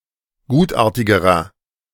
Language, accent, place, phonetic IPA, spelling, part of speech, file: German, Germany, Berlin, [ˈɡuːtˌʔaːɐ̯tɪɡəʁɐ], gutartigerer, adjective, De-gutartigerer.ogg
- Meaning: inflection of gutartig: 1. strong/mixed nominative masculine singular comparative degree 2. strong genitive/dative feminine singular comparative degree 3. strong genitive plural comparative degree